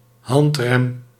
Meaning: handbrake (any brake operated by hand, e.g. a parking brake or a brake lever)
- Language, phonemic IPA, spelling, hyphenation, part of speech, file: Dutch, /ˈɦɑnt.rɛm/, handrem, hand‧rem, noun, Nl-handrem.ogg